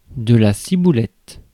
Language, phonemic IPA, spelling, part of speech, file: French, /si.bu.lɛt/, ciboulette, noun, Fr-ciboulette.ogg
- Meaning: 1. chive (the plant) 2. chives (the herb)